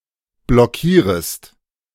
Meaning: second-person singular subjunctive I of blockieren
- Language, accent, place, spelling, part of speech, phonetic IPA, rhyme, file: German, Germany, Berlin, blockierest, verb, [blɔˈkiːʁəst], -iːʁəst, De-blockierest.ogg